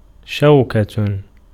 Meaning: 1. thorn, sting, prickle 2. tongue of a buckle 3. arms and their points, clash of combatants, bravery, military power, power, greatness, pomp, majesty 4. fork (pronged eating utensil)
- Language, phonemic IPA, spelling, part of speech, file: Arabic, /ʃaw.ka/, شوكة, noun, Ar-شوكة.ogg